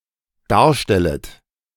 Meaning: second-person plural dependent subjunctive I of darstellen
- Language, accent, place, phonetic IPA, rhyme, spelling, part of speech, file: German, Germany, Berlin, [ˈdaːɐ̯ˌʃtɛlət], -aːɐ̯ʃtɛlət, darstellet, verb, De-darstellet.ogg